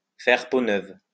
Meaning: to get a facelift, to get a makeover
- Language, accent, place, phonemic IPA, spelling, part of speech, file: French, France, Lyon, /fɛʁ po nœv/, faire peau neuve, verb, LL-Q150 (fra)-faire peau neuve.wav